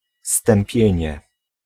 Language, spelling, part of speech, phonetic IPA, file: Polish, stępienie, noun, [stɛ̃mˈpʲjɛ̇̃ɲɛ], Pl-stępienie.ogg